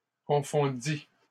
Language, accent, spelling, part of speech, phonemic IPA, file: French, Canada, confondît, verb, /kɔ̃.fɔ̃.di/, LL-Q150 (fra)-confondît.wav
- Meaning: third-person singular imperfect subjunctive of confondre